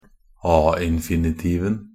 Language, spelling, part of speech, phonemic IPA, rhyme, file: Norwegian Bokmål, a-infinitiven, noun, /ɑː.ɪn.fɪ.nɪˈtiːʋn̩/, -iːʋn̩, Nb-a-infinitiven.ogg
- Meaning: definite singular of a-infinitiv (“a-infinitive”)